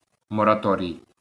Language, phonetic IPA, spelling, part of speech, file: Ukrainian, [mɔrɐˈtɔrʲii̯], мораторій, noun, LL-Q8798 (ukr)-мораторій.wav
- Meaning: 1. moratorium (suspension of an ongoing activity) 2. moratorium (authorized suspension of payments)